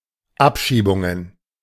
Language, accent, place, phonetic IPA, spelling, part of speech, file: German, Germany, Berlin, [ˈapʃiːbʊŋən], Abschiebungen, noun, De-Abschiebungen.ogg
- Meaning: plural of Abschiebung